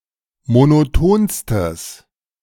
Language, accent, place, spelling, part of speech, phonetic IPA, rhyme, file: German, Germany, Berlin, monotonstes, adjective, [monoˈtoːnstəs], -oːnstəs, De-monotonstes.ogg
- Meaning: strong/mixed nominative/accusative neuter singular superlative degree of monoton